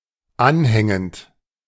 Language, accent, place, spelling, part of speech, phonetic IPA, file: German, Germany, Berlin, anhängend, verb / adjective, [ˈanˌhɛŋənt], De-anhängend.ogg
- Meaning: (verb) present participle of anhängen; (adjective) attached